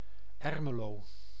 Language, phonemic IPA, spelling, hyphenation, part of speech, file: Dutch, /ˈɛr.məˌloː/, Ermelo, Er‧me‧lo, proper noun, Nl-Ermelo.ogg
- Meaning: Ermelo (a village and municipality of Gelderland, Netherlands)